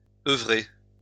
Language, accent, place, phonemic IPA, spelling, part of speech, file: French, France, Lyon, /œ.vʁe/, œuvrer, verb, LL-Q150 (fra)-œuvrer.wav
- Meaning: to work